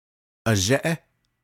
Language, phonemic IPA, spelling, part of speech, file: Navajo, /ʔɑ̀ʒɛ́ʔɛ́/, azhéʼé, noun, Nv-azhéʼé.ogg
- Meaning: 1. father 2. paternal uncle 3. daddy (male lover)